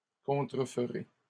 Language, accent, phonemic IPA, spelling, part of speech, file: French, Canada, /kɔ̃.tʁə.f(ə).ʁe/, contreferez, verb, LL-Q150 (fra)-contreferez.wav
- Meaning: second-person plural future of contrefaire